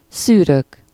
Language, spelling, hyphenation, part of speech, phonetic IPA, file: Hungarian, szűrök, szű‧rök, verb / noun, [ˈsyːrøk], Hu-szűrök.ogg
- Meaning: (verb) first-person singular indicative present indefinite of szűr; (noun) nominative plural of szűr